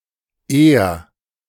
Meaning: 1. singular imperative of ehren 2. first-person singular present of ehren
- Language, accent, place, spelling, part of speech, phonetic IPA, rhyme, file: German, Germany, Berlin, ehr, verb, [eːɐ̯], -eːɐ̯, De-ehr.ogg